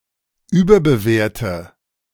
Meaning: inflection of überbewerten: 1. first-person singular present 2. first/third-person singular subjunctive I 3. singular imperative
- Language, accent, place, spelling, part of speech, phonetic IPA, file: German, Germany, Berlin, überbewerte, verb, [ˈyːbɐbəˌveːɐ̯tə], De-überbewerte.ogg